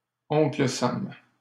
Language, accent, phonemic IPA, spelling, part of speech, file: French, Canada, /ɔ̃.klə sam/, Oncle Sam, proper noun, LL-Q150 (fra)-Oncle Sam.wav
- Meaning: Uncle Sam